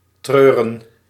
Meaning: to grieve, be grieved
- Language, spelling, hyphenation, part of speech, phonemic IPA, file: Dutch, treuren, treu‧ren, verb, /ˈtrøː.rə(n)/, Nl-treuren.ogg